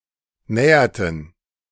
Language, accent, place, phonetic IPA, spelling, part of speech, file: German, Germany, Berlin, [ˈnɛːɐtn̩], näherten, verb, De-näherten.ogg
- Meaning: inflection of nähern: 1. first/third-person plural preterite 2. first/third-person plural subjunctive II